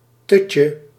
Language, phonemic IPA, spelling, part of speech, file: Dutch, /ˈtʏcə/, tutje, noun, Nl-tutje.ogg
- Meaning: 1. diminutive of tut 2. pacifier, dummy